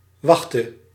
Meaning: singular present subjunctive of wachten
- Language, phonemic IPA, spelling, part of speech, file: Dutch, /ˈwɑxtə/, wachte, verb, Nl-wachte.ogg